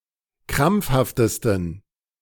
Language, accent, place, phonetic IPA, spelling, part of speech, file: German, Germany, Berlin, [ˈkʁamp͡fhaftəstn̩], krampfhaftesten, adjective, De-krampfhaftesten.ogg
- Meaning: 1. superlative degree of krampfhaft 2. inflection of krampfhaft: strong genitive masculine/neuter singular superlative degree